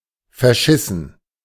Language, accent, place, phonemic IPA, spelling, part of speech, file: German, Germany, Berlin, /fɛɐ̯ˈʃɪsn̩/, verschissen, verb / adjective, De-verschissen.ogg
- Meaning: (verb) past participle of verscheißen; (adjective) shitty